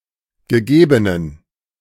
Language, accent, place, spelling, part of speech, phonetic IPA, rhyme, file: German, Germany, Berlin, gegebenen, adjective, [ɡəˈɡeːbənən], -eːbənən, De-gegebenen.ogg
- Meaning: inflection of gegeben: 1. strong genitive masculine/neuter singular 2. weak/mixed genitive/dative all-gender singular 3. strong/weak/mixed accusative masculine singular 4. strong dative plural